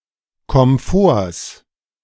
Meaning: genitive singular of Komfort
- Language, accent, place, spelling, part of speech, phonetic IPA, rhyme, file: German, Germany, Berlin, Komforts, noun, [kɔmˈfoːɐ̯s], -oːɐ̯s, De-Komforts.ogg